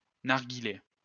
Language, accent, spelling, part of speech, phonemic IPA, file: French, France, narghilé, noun, /naʁ.ɡi.le/, LL-Q150 (fra)-narghilé.wav
- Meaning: alternative spelling of narguilé